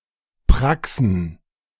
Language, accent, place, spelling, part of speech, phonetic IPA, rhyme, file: German, Germany, Berlin, Praxen, noun, [ˈpʁaksn̩], -aksn̩, De-Praxen.ogg
- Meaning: plural of Praxis